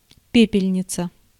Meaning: ashtray
- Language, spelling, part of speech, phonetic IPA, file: Russian, пепельница, noun, [ˈpʲepʲɪlʲnʲɪt͡sə], Ru-пепельница.ogg